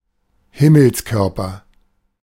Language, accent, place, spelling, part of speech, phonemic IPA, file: German, Germany, Berlin, Himmelskörper, noun, /ˈhɪml̩sˌkœʁpɐ/, De-Himmelskörper.ogg
- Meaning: celestial body, heavenly body